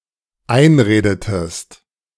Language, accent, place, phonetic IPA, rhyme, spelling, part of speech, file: German, Germany, Berlin, [ˈaɪ̯nˌʁeːdətəst], -aɪ̯nʁeːdətəst, einredetest, verb, De-einredetest.ogg
- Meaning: inflection of einreden: 1. second-person singular dependent preterite 2. second-person singular dependent subjunctive II